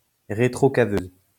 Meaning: backhoe, backhoe loader, loader excavator
- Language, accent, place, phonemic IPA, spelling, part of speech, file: French, France, Lyon, /ʁə.tʁɔ.ka.vø/, rétrocaveuse, noun, LL-Q150 (fra)-rétrocaveuse.wav